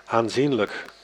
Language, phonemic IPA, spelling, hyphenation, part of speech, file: Dutch, /ˌaːnˈzin.lək/, aanzienlijk, aan‧zien‧lijk, adjective, Nl-aanzienlijk.ogg
- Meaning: considerable